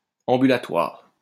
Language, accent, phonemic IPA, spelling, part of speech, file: French, France, /ɑ̃.by.la.twaʁ/, ambulatoire, adjective, LL-Q150 (fra)-ambulatoire.wav
- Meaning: ambulatory